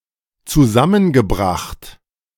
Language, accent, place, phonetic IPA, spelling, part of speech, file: German, Germany, Berlin, [t͡suˈzamənɡəˌbʁaxt], zusammengebracht, verb, De-zusammengebracht.ogg
- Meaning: past participle of zusammenbringen - brought together